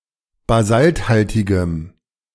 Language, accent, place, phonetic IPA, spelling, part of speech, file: German, Germany, Berlin, [baˈzaltˌhaltɪɡəm], basalthaltigem, adjective, De-basalthaltigem.ogg
- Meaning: strong dative masculine/neuter singular of basalthaltig